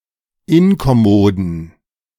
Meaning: inflection of inkommod: 1. strong genitive masculine/neuter singular 2. weak/mixed genitive/dative all-gender singular 3. strong/weak/mixed accusative masculine singular 4. strong dative plural
- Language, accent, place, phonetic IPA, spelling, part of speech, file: German, Germany, Berlin, [ˈɪnkɔˌmoːdn̩], inkommoden, adjective, De-inkommoden.ogg